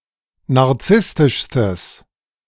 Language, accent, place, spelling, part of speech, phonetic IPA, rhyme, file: German, Germany, Berlin, narzisstischstes, adjective, [naʁˈt͡sɪstɪʃstəs], -ɪstɪʃstəs, De-narzisstischstes.ogg
- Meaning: strong/mixed nominative/accusative neuter singular superlative degree of narzisstisch